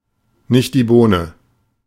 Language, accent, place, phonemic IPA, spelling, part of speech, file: German, Germany, Berlin, /ˌnɪç(t)di ˈboːnə/, nicht die Bohne, phrase, De-nicht die Bohne.ogg
- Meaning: not at all